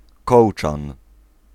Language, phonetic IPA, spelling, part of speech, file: Polish, [ˈkɔwt͡ʃãn], kołczan, noun, Pl-kołczan.ogg